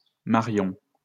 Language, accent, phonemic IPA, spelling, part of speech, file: French, France, /ma.ʁjɔ̃/, Marion, proper noun, LL-Q150 (fra)-Marion.wav
- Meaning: 1. a female given name 2. a surname originating as a matronymic